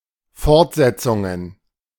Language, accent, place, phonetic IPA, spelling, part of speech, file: German, Germany, Berlin, [ˈfɔʁtˌzɛt͡sʊŋən], Fortsetzungen, noun, De-Fortsetzungen.ogg
- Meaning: plural of Fortsetzung